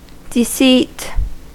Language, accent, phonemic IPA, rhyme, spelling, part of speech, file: English, US, /dɪˈsiːt/, -iːt, deceit, noun, En-us-deceit.ogg
- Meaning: 1. An act or practice intended to deceive; a trick 2. An act of deceiving someone 3. The state of being deceitful or deceptive